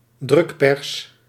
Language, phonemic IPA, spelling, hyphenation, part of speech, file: Dutch, /ˈdrʏk.pɛrs/, drukpers, druk‧pers, noun, Nl-drukpers.ogg
- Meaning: 1. printing press (device for printing) 2. press (mass media)